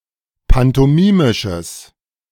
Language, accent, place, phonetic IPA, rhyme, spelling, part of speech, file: German, Germany, Berlin, [pantɔˈmiːmɪʃəs], -iːmɪʃəs, pantomimisches, adjective, De-pantomimisches.ogg
- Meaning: strong/mixed nominative/accusative neuter singular of pantomimisch